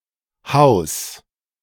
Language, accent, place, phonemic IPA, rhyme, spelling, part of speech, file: German, Germany, Berlin, /haʊ̯s/, -aʊ̯s, House, noun, De-House.ogg
- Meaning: house music, house